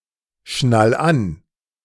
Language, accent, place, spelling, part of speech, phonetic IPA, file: German, Germany, Berlin, schnall an, verb, [ˌʃnal ˈan], De-schnall an.ogg
- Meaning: 1. singular imperative of anschnallen 2. first-person singular present of anschnallen